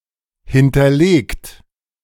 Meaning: past participle of hinterlegen
- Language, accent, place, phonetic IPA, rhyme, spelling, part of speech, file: German, Germany, Berlin, [ˌhɪntɐˈleːkt], -eːkt, hinterlegt, verb, De-hinterlegt.ogg